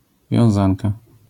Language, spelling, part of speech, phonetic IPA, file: Polish, wiązanka, noun, [vʲjɔ̃w̃ˈzãnka], LL-Q809 (pol)-wiązanka.wav